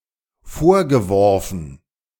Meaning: past participle of vorwerfen
- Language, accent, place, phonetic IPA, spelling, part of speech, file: German, Germany, Berlin, [ˈfoːɐ̯ɡəˌvɔʁfn̩], vorgeworfen, verb, De-vorgeworfen.ogg